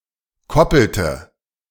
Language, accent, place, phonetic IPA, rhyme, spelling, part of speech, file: German, Germany, Berlin, [ˈkɔpl̩tə], -ɔpl̩tə, koppelte, verb, De-koppelte.ogg
- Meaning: inflection of koppeln: 1. first/third-person singular preterite 2. first/third-person singular subjunctive II